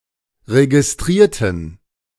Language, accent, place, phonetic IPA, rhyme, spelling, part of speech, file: German, Germany, Berlin, [ʁeɡɪsˈtʁiːɐ̯tn̩], -iːɐ̯tn̩, registrierten, adjective / verb, De-registrierten.ogg
- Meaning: inflection of registrieren: 1. first/third-person plural preterite 2. first/third-person plural subjunctive II